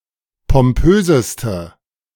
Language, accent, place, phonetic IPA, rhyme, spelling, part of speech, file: German, Germany, Berlin, [pɔmˈpøːzəstə], -øːzəstə, pompöseste, adjective, De-pompöseste.ogg
- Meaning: inflection of pompös: 1. strong/mixed nominative/accusative feminine singular superlative degree 2. strong nominative/accusative plural superlative degree